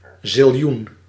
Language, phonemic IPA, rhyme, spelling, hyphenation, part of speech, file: Dutch, /zɪlˈjun/, -un, ziljoen, zil‧joen, noun, Nl-ziljoen.ogg
- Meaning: zillion (unspecified extremely large number)